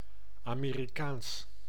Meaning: American: 1. pertaining to the Americas 2. pertaining to the United States
- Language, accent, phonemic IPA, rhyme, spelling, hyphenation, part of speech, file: Dutch, Netherlands, /ˌaː.meː.riˈkaːns/, -aːns, Amerikaans, Ame‧ri‧kaans, adjective, Nl-Amerikaans.ogg